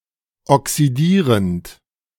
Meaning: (verb) present participle of oxidieren; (adjective) oxidizing / oxidising
- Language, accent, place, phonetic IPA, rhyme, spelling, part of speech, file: German, Germany, Berlin, [ɔksiˈdiːʁənt], -iːʁənt, oxidierend, verb, De-oxidierend.ogg